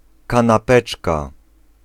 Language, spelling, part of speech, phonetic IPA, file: Polish, kanapeczka, noun, [ˌkãnaˈpɛt͡ʃka], Pl-kanapeczka.ogg